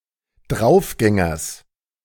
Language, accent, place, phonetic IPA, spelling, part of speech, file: German, Germany, Berlin, [ˈdʁaʊ̯fˌɡɛŋɐs], Draufgängers, noun, De-Draufgängers.ogg
- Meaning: genitive of Draufgänger